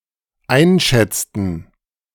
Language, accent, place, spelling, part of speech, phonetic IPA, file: German, Germany, Berlin, einschätzten, verb, [ˈaɪ̯nˌʃɛt͡stn̩], De-einschätzten.ogg
- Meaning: inflection of einschätzen: 1. first/third-person plural dependent preterite 2. first/third-person plural dependent subjunctive II